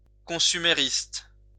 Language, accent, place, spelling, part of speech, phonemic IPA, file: French, France, Lyon, consumériste, adjective / noun, /kɔ̃.sy.me.ʁist/, LL-Q150 (fra)-consumériste.wav
- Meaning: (adjective) consumerist